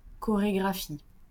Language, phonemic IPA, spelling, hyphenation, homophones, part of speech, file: French, /kɔ.ʁe.ɡʁa.fi/, chorégraphie, cho‧ré‧gra‧phie, chorégraphient / chorégraphies, noun / verb, LL-Q150 (fra)-chorégraphie.wav
- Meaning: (noun) choreography; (verb) inflection of chorégraphier: 1. first/third-person singular present indicative/subjunctive 2. second-person singular imperative